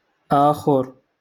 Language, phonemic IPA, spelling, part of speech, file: Moroccan Arabic, /ʔaː.xur/, آخر, adjective, LL-Q56426 (ary)-آخر.wav
- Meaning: another, one more, other